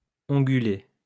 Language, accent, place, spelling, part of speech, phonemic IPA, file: French, France, Lyon, ongulé, noun, /ɔ̃.ɡy.le/, LL-Q150 (fra)-ongulé.wav
- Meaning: ungulate